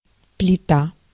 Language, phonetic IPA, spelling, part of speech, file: Russian, [plʲɪˈta], плита, noun, Ru-плита.ogg
- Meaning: 1. stove 2. hot plate 3. plate (shape) 4. slab